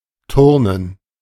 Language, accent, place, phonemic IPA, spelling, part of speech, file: German, Germany, Berlin, /ˈtʊʁnən/, Turnen, noun, De-Turnen.ogg
- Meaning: gerund of turnen: 1. gymnastics 2. physical education (in school)